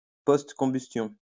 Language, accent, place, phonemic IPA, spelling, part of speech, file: French, France, Lyon, /pɔst.kɔ̃.bys.tjɔ̃/, postcombustion, noun / adverb, LL-Q150 (fra)-postcombustion.wav
- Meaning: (noun) reheat, afterburning (in an aero engine); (adverb) postcombustion